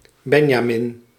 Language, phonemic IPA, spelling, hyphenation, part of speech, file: Dutch, /ˈbɛn.jaːˌmɪn/, Benjamin, Ben‧ja‧min, proper noun, Nl-Benjamin.ogg
- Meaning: 1. Benjamin (Biblical character, mythological son of Jacob) 2. The youngest child of a family, the youngest person of a group 3. a male given name